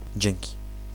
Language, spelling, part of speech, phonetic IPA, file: Polish, dzięki, noun / interjection / preposition, [ˈd͡ʑɛ̃ŋʲci], Pl-dzięki.ogg